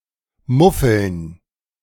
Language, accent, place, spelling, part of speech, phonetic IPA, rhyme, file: German, Germany, Berlin, Muffeln, noun, [ˈmʊfl̩n], -ʊfl̩n, De-Muffeln.ogg
- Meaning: dative plural of Muffel